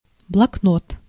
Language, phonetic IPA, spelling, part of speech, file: Russian, [bɫɐkˈnot], блокнот, noun, Ru-блокнот.ogg
- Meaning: notebook (book)